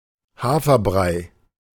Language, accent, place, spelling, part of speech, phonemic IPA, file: German, Germany, Berlin, Haferbrei, noun, /ˈhaːfɐˌbʁaɪ̯/, De-Haferbrei.ogg
- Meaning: oatmeal, porridge